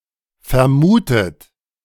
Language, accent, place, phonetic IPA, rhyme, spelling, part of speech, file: German, Germany, Berlin, [fɛɐ̯ˈmuːtət], -uːtət, vermutet, verb, De-vermutet.ogg
- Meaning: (verb) past participle of vermuten; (adjective) 1. supposed, suspected 2. assumed, presumed